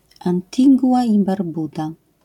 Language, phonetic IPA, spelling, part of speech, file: Polish, [ˌãntʲiˈɡuʷa ˌi‿barˈbuda], Antigua i Barbuda, proper noun, LL-Q809 (pol)-Antigua i Barbuda.wav